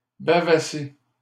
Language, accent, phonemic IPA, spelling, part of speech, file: French, Canada, /ba.va.se/, bavasser, verb, LL-Q150 (fra)-bavasser.wav
- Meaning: to waffle, natter